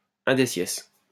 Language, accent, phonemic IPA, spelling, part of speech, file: French, France, /œ̃.de.sjɛs/, undecies, adverb, LL-Q150 (fra)-undecies.wav
- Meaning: eleventhly